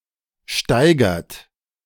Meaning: inflection of steigern: 1. third-person singular present 2. second-person plural present 3. plural imperative
- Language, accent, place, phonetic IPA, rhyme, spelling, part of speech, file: German, Germany, Berlin, [ˈʃtaɪ̯ɡɐt], -aɪ̯ɡɐt, steigert, verb, De-steigert.ogg